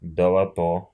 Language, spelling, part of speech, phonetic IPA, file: Russian, долото, noun, [dəɫɐˈto], Ru-долото́.ogg
- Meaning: 1. chisel 2. boring bit, drill bit, gouge, rock-drill